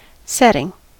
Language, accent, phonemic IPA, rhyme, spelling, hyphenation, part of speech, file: English, US, /ˈsɛtɪŋ/, -ɛtɪŋ, setting, set‧ting, noun / verb / adjective, En-us-setting.ogg
- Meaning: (noun) 1. The time, place and circumstance in which something (such as a story or picture) is set; context; scenario 2. The act of setting (various senses)